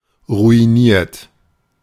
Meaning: 1. past participle of ruinieren 2. inflection of ruinieren: third-person singular present 3. inflection of ruinieren: second-person plural present 4. inflection of ruinieren: plural imperative
- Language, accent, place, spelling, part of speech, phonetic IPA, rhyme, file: German, Germany, Berlin, ruiniert, adjective / verb, [ʁuiˈniːɐ̯t], -iːɐ̯t, De-ruiniert.ogg